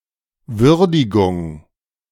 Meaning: appreciation, evaluation
- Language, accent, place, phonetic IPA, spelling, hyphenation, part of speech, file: German, Germany, Berlin, [ˈvʏʁdɪɡʊŋ], Würdigung, Wür‧di‧gung, noun, De-Würdigung.ogg